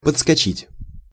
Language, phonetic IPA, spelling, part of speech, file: Russian, [pət͡sskɐˈt͡ɕitʲ], подскочить, verb, Ru-подскочить.ogg
- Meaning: 1. to jump up 2. to skyrocket (e.g. of prices) 3. to come running